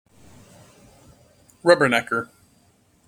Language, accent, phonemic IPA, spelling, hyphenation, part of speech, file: English, General American, /ˈrʌbɚˌnɛkɚ/, rubbernecker, rub‧ber‧neck‧er, noun, En-us-rubbernecker.mp3
- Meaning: A person who rubbernecks; someone who cranes their neck as though it were made of rubber to see something (such as a tourist attraction) or to watch an event (such as an accident); a rubberneck